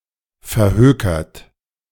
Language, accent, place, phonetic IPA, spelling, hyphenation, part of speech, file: German, Germany, Berlin, [fɛɐ̯ˈhøːkɐt], verhökert, ver‧hö‧kert, verb / adjective, De-verhökert.ogg
- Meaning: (verb) past participle of verhökern; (adjective) hawked; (verb) inflection of verhökern: 1. third-person singular present 2. second-person plural present 3. plural imperative